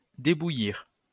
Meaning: to blanch (textiles)
- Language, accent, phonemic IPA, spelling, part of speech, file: French, France, /de.bu.jiʁ/, débouillir, verb, LL-Q150 (fra)-débouillir.wav